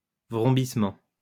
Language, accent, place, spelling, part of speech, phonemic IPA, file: French, France, Lyon, vrombissement, noun, /vʁɔ̃.bis.mɑ̃/, LL-Q150 (fra)-vrombissement.wav
- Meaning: humming, whirring, whizzing